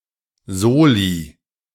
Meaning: 1. clipping of Solidaritätszuschlag 2. plural of Solo
- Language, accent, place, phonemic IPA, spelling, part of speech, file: German, Germany, Berlin, /ˈzoːli/, Soli, noun, De-Soli.ogg